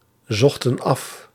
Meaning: inflection of afzoeken: 1. plural past indicative 2. plural past subjunctive
- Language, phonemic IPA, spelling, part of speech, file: Dutch, /ˈzɔxtə(n) ˈɑf/, zochten af, verb, Nl-zochten af.ogg